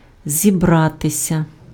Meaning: 1. to gather, to assemble, to congregate, convene 2. to prepare, to get ready 3. to intend, to be about to, to be going to (+ infinitive)
- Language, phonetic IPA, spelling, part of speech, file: Ukrainian, [zʲiˈbratesʲɐ], зібратися, verb, Uk-зібратися.ogg